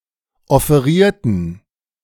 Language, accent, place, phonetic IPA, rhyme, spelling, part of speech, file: German, Germany, Berlin, [ɔfeˈʁiːɐ̯tn̩], -iːɐ̯tn̩, offerierten, adjective / verb, De-offerierten.ogg
- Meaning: inflection of offerieren: 1. first/third-person plural preterite 2. first/third-person plural subjunctive II